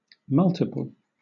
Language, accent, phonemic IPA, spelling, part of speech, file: English, Southern England, /ˈmʌltɪpəl/, multiple, determiner / adjective / noun, LL-Q1860 (eng)-multiple.wav
- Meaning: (determiner) More than one (followed by plural)